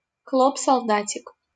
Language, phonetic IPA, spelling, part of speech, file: Russian, [sɐɫˈdatʲɪk], солдатик, noun, LL-Q7737 (rus)-солдатик.wav
- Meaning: diminutive of солда́т (soldát) (small) soldier; toy soldier